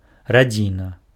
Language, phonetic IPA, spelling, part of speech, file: Belarusian, [raˈd͡zʲina], радзіна, noun, Be-радзіна.ogg
- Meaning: family